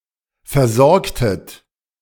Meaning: inflection of versorgen: 1. second-person plural preterite 2. second-person plural subjunctive II
- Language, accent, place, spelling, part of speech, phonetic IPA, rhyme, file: German, Germany, Berlin, versorgtet, verb, [fɛɐ̯ˈzɔʁktət], -ɔʁktət, De-versorgtet.ogg